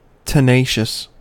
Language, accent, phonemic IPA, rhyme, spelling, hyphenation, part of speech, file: English, US, /təˈneɪʃəs/, -eɪʃəs, tenacious, tena‧cious, adjective, En-us-tenacious.ogg
- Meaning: 1. Clinging to an object or surface; adhesive 2. Unwilling to yield or give up; dogged 3. Holding together; cohesive 4. Having a good memory; retentive